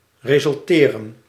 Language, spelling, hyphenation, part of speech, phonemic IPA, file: Dutch, resulteren, re‧sul‧te‧ren, verb, /reː.zʏlˈteː.rə(n)/, Nl-resulteren.ogg
- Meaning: to result